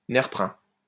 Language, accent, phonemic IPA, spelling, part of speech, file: French, France, /nɛʁ.pʁœ̃/, nerprun, noun, LL-Q150 (fra)-nerprun.wav
- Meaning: buckthorn